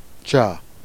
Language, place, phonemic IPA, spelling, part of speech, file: Jèrriais, Jersey, /t͡ʃœ/, tchoeu, noun, Jer-Tchoeu.ogg
- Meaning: 1. heart 2. courage 3. sweetheart, darling 4. choir, chorus